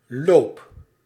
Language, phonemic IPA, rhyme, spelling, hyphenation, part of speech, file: Dutch, /loːp/, -oːp, loop, loop, noun / verb, Nl-loop.ogg
- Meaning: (noun) 1. course, duration 2. a river course 3. course of a projectile 4. barrel (of a firearm); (verb) inflection of lopen: first-person singular present indicative